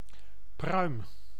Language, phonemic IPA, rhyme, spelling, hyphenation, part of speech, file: Dutch, /prœy̯m/, -œy̯m, pruim, pruim, noun, Nl-pruim.ogg
- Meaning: 1. a plum tree, one of certain trees of the genus Prunus, especially Prunus domestica 2. a plum (fruit from a plum tree) 3. a quid (piece of chewing tobacco) 4. vulva